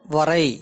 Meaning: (verb) 1. to draw, paint 2. to write, inscribe 3. to limit, restrain 4. to draw distinctions 5. to marry; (noun) 1. limit, boundary 2. measure, extent 3. line 4. lines, as in the hand, palmprint
- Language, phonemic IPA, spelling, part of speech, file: Tamil, /ʋɐɾɐɪ̯/, வரை, verb / noun / postposition, Ta-வரை.ogg